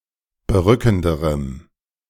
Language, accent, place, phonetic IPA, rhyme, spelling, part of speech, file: German, Germany, Berlin, [bəˈʁʏkn̩dəʁəm], -ʏkn̩dəʁəm, berückenderem, adjective, De-berückenderem.ogg
- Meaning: strong dative masculine/neuter singular comparative degree of berückend